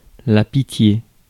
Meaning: pity, mercy
- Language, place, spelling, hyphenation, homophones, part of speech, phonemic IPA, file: French, Paris, pitié, pi‧tié, pitiés, noun, /pi.tje/, Fr-pitié.ogg